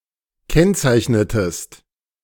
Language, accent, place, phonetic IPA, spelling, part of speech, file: German, Germany, Berlin, [ˈkɛnt͡saɪ̯çnətəst], kennzeichnetest, verb, De-kennzeichnetest.ogg
- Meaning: inflection of kennzeichnen: 1. second-person singular preterite 2. second-person singular subjunctive II